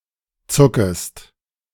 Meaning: second-person singular subjunctive I of zucken
- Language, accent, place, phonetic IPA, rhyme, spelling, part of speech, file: German, Germany, Berlin, [ˈt͡sʊkəst], -ʊkəst, zuckest, verb, De-zuckest.ogg